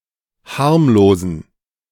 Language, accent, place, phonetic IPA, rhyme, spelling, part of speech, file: German, Germany, Berlin, [ˈhaʁmloːzn̩], -aʁmloːzn̩, harmlosen, adjective, De-harmlosen.ogg
- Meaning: inflection of harmlos: 1. strong genitive masculine/neuter singular 2. weak/mixed genitive/dative all-gender singular 3. strong/weak/mixed accusative masculine singular 4. strong dative plural